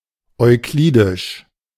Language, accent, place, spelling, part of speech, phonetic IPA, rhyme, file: German, Germany, Berlin, euklidisch, adjective, [ɔɪ̯ˈkliːdɪʃ], -iːdɪʃ, De-euklidisch.ogg
- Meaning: Euclidean